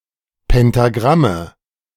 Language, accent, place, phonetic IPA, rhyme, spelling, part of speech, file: German, Germany, Berlin, [pɛntaˈɡʁamə], -amə, Pentagramme, noun, De-Pentagramme.ogg
- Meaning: nominative/accusative/genitive plural of Pentagramm